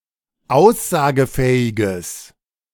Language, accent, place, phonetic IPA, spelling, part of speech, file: German, Germany, Berlin, [ˈaʊ̯szaːɡəˌfɛːɪɡəs], aussagefähiges, adjective, De-aussagefähiges.ogg
- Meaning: strong/mixed nominative/accusative neuter singular of aussagefähig